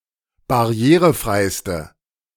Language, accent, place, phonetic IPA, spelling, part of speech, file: German, Germany, Berlin, [baˈʁi̯eːʁəˌfʁaɪ̯stə], barrierefreiste, adjective, De-barrierefreiste.ogg
- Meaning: inflection of barrierefrei: 1. strong/mixed nominative/accusative feminine singular superlative degree 2. strong nominative/accusative plural superlative degree